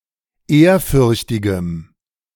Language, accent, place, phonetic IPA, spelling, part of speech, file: German, Germany, Berlin, [ˈeːɐ̯ˌfʏʁçtɪɡəm], ehrfürchtigem, adjective, De-ehrfürchtigem.ogg
- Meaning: strong dative masculine/neuter singular of ehrfürchtig